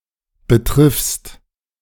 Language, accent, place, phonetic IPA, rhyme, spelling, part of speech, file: German, Germany, Berlin, [bəˈtʁɪfst], -ɪfst, betriffst, verb, De-betriffst.ogg
- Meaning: second-person singular present of betreffen